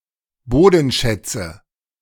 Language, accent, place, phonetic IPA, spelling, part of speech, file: German, Germany, Berlin, [ˈboːdn̩ˌʃɛt͡sə], Bodenschätze, noun, De-Bodenschätze.ogg
- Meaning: nominative/accusative/genitive plural of Bodenschatz